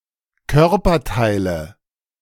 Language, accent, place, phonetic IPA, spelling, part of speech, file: German, Germany, Berlin, [ˈkœʁpɐˌtaɪ̯lə], Körperteile, noun, De-Körperteile.ogg
- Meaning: nominative/accusative/genitive plural of Körperteil